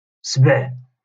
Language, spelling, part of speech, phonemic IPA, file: Moroccan Arabic, سبع, noun, /sbaʕ/, LL-Q56426 (ary)-سبع.wav
- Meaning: lion